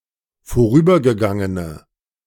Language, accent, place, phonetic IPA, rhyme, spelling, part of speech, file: German, Germany, Berlin, [foˈʁyːbɐɡəˌɡaŋənə], -yːbɐɡəɡaŋənə, vorübergegangene, adjective, De-vorübergegangene.ogg
- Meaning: inflection of vorübergegangen: 1. strong/mixed nominative/accusative feminine singular 2. strong nominative/accusative plural 3. weak nominative all-gender singular